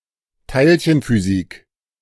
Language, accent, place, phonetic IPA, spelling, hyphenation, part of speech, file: German, Germany, Berlin, [ˈtaɪ̯lçənfyˌziːk], Teilchenphysik, Teil‧chen‧phy‧sik, noun, De-Teilchenphysik.ogg
- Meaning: ellipsis of Elementarteilchenphysik: particle physics